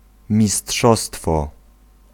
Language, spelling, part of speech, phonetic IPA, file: Polish, mistrzostwo, noun, [mʲiˈsṭʃɔstfɔ], Pl-mistrzostwo.ogg